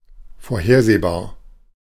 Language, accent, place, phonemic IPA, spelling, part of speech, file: German, Germany, Berlin, /foːɐ̯ˈheːɐ̯zeːˌbaːɐ̯/, vorhersehbar, adjective, De-vorhersehbar.ogg
- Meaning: foreseeable (able to be foreseen or anticipated)